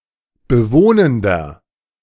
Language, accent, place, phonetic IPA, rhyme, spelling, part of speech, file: German, Germany, Berlin, [bəˈvoːnəndɐ], -oːnəndɐ, bewohnender, adjective, De-bewohnender.ogg
- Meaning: inflection of bewohnend: 1. strong/mixed nominative masculine singular 2. strong genitive/dative feminine singular 3. strong genitive plural